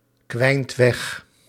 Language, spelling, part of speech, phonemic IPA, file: Dutch, kwijnt weg, verb, /ˈkwɛint ˈwɛx/, Nl-kwijnt weg.ogg
- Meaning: inflection of wegkwijnen: 1. second/third-person singular present indicative 2. plural imperative